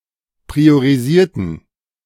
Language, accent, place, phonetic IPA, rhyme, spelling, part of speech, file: German, Germany, Berlin, [pʁioʁiˈziːɐ̯tn̩], -iːɐ̯tn̩, priorisierten, adjective / verb, De-priorisierten.ogg
- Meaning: inflection of priorisieren: 1. first/third-person plural preterite 2. first/third-person plural subjunctive II